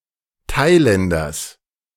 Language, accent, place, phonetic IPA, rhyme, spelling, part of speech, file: German, Germany, Berlin, [ˈtaɪ̯ˌlɛndɐs], -aɪ̯lɛndɐs, Thailänders, noun, De-Thailänders.ogg
- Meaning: genitive singular of Thailänder